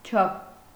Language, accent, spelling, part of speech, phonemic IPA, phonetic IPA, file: Armenian, Eastern Armenian, չափ, noun / postposition, /t͡ʃʰɑpʰ/, [t͡ʃʰɑpʰ], Hy-չափ.ogg
- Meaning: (noun) 1. limit, degree 2. size 3. measure; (postposition) equal to